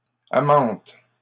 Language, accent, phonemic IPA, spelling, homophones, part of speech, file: French, Canada, /a.mɑ̃t/, amantes, amante, noun, LL-Q150 (fra)-amantes.wav
- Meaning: plural of amante